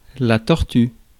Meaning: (noun) torture; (verb) inflection of torturer: 1. first/third-person singular present indicative/subjunctive 2. second-person singular imperative
- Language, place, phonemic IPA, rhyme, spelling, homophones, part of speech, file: French, Paris, /tɔʁ.tyʁ/, -yʁ, torture, torturent / tortures, noun / verb, Fr-torture.ogg